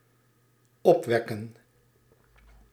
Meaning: 1. to generate 2. to excite, stimulate
- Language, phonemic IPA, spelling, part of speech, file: Dutch, /ˈɔpwɛkə(n)/, opwekken, verb, Nl-opwekken.ogg